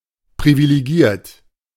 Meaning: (verb) past participle of privilegieren; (adjective) privileged
- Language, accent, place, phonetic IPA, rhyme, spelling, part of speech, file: German, Germany, Berlin, [pʁivileˈɡiːɐ̯t], -iːɐ̯t, privilegiert, adjective / verb, De-privilegiert.ogg